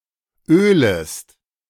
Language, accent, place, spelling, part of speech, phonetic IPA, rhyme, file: German, Germany, Berlin, ölest, verb, [ˈøːləst], -øːləst, De-ölest.ogg
- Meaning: second-person singular subjunctive I of ölen